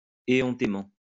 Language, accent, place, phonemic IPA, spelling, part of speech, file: French, France, Lyon, /e.ɔ̃.te.mɑ̃/, éhontément, adverb, LL-Q150 (fra)-éhontément.wav
- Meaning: shamelessly